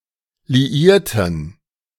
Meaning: inflection of liieren: 1. first/third-person plural preterite 2. first/third-person plural subjunctive II
- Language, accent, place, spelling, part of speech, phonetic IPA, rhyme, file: German, Germany, Berlin, liierten, adjective / verb, [liˈiːɐ̯tn̩], -iːɐ̯tn̩, De-liierten.ogg